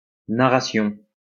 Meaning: 1. narration (account; story) 2. narration (literary device) 3. narration
- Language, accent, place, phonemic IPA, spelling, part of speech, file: French, France, Lyon, /na.ʁa.sjɔ̃/, narration, noun, LL-Q150 (fra)-narration.wav